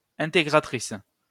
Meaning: female equivalent of intégrateur
- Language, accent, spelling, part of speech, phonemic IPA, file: French, France, intégratrice, noun, /ɛ̃.te.ɡʁa.tʁis/, LL-Q150 (fra)-intégratrice.wav